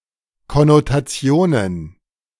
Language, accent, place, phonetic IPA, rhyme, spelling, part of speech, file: German, Germany, Berlin, [kɔnotaˈt͡si̯oːnən], -oːnən, Konnotationen, noun, De-Konnotationen.ogg
- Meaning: plural of Konnotation